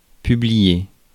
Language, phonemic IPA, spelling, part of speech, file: French, /py.bli.je/, publier, verb, Fr-publier.ogg
- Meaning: to publish, to release, to issue